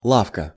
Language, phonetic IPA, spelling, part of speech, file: Russian, [ˈɫafkə], лавка, noun, Ru-лавка.ogg
- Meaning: 1. bench 2. a small shop, store